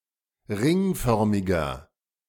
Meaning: inflection of ringförmig: 1. strong/mixed nominative masculine singular 2. strong genitive/dative feminine singular 3. strong genitive plural
- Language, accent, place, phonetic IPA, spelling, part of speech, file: German, Germany, Berlin, [ˈʁɪŋˌfœʁmɪɡɐ], ringförmiger, adjective, De-ringförmiger.ogg